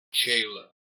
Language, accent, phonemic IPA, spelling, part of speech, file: English, US, /t͡ʃeɪlə/, tjaele, noun, En-us-tjaele.ogg
- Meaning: frozen ground